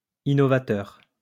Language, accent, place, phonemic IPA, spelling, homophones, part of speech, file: French, France, Lyon, /i.nɔ.va.tœʁ/, innovateur, innovateurs, adjective / noun, LL-Q150 (fra)-innovateur.wav
- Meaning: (adjective) innovative; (noun) innovator